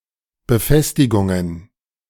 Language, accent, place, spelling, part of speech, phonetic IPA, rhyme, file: German, Germany, Berlin, Befestigungen, noun, [bəˈfɛstɪɡʊŋən], -ɛstɪɡʊŋən, De-Befestigungen.ogg
- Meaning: plural of Befestigung